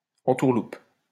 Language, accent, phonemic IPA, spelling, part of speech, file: French, France, /ɑ̃.tuʁ.lup/, entourloupe, noun / verb, LL-Q150 (fra)-entourloupe.wav
- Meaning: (noun) scam; attached strings; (verb) inflection of entourlouper: 1. first/third-person singular present indicative/subjunctive 2. second-person singular imperative